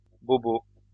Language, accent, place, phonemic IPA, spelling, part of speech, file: French, France, Lyon, /bo.bo/, bobos, noun, LL-Q150 (fra)-bobos.wav
- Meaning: plural of bobo